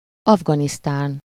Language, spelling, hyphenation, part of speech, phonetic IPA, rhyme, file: Hungarian, Afganisztán, Af‧ga‧nisz‧tán, proper noun, [ˈɒvɡɒnistaːn], -aːn, Hu-Afganisztán.ogg
- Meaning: Afghanistan (a landlocked country between Central Asia and South Asia; official name: Afganisztáni Iszlám Köztársaság)